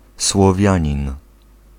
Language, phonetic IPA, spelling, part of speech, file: Polish, [swɔˈvʲjä̃ɲĩn], Słowianin, noun, Pl-Słowianin.ogg